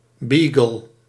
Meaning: beagle (hound)
- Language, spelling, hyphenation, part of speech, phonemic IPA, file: Dutch, beagle, bea‧gle, noun, /ˈbiːɡəl/, Nl-beagle.ogg